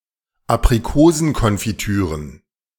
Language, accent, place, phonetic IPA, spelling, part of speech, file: German, Germany, Berlin, [apʁiˈkoːzn̩kɔnfiˌtyːʁən], Aprikosenkonfitüren, noun, De-Aprikosenkonfitüren.ogg
- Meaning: plural of Aprikosenkonfitüre